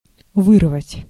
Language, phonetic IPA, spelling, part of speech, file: Russian, [ˈvɨrvətʲ], вырвать, verb, Ru-вырвать.ogg
- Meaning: 1. to pull out 2. to tear out 3. to snatch out (from someone's hands) 4. to pull up (a plant) 5. to eradicate, to extirpate, to root out 6. to extort, to wring, to wrest 7. to vomit